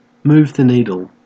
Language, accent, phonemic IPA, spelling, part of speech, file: English, Australia, /ˌmuːv ðə ˈniː.dəl/, move the needle, verb, En-au-move the needle.ogg
- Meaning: To change a situation to a noticeable degree; to make an appreciable difference